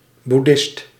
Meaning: Buddhist
- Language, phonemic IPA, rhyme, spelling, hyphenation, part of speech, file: Dutch, /buˈdɪst/, -ɪst, boeddhist, boed‧dhist, noun, Nl-boeddhist.ogg